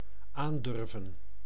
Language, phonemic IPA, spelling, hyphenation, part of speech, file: Dutch, /ˈaːnˌdʏr.və(n)/, aandurven, aan‧dur‧ven, verb, Nl-aandurven.ogg
- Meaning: 1. to dare; to venture 2. to toe the line